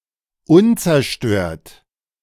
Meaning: undestroyed, intact
- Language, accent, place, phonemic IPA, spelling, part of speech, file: German, Germany, Berlin, /ˈʊnt͡sɛɐ̯ˌʃtøːɐ̯t/, unzerstört, adjective, De-unzerstört.ogg